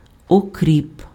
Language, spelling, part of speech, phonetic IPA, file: Ukrainian, окріп, noun, [oˈkrʲip], Uk-окріп.ogg
- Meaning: 1. boiling water 2. dill (Anethum graveolens)